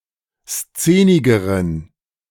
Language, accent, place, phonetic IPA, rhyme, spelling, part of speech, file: German, Germany, Berlin, [ˈst͡seːnɪɡəʁən], -eːnɪɡəʁən, szenigeren, adjective, De-szenigeren.ogg
- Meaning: inflection of szenig: 1. strong genitive masculine/neuter singular comparative degree 2. weak/mixed genitive/dative all-gender singular comparative degree